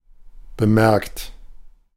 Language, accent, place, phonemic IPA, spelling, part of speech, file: German, Germany, Berlin, /bəˈmɛrkt/, bemerkt, verb, De-bemerkt.ogg
- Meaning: 1. past participle of bemerken 2. inflection of bemerken: third-person singular present 3. inflection of bemerken: second-person plural present 4. inflection of bemerken: plural imperative